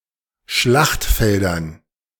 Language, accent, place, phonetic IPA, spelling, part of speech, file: German, Germany, Berlin, [ˈʃlaxtˌfɛldɐn], Schlachtfeldern, noun, De-Schlachtfeldern.ogg
- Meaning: dative plural of Schlachtfeld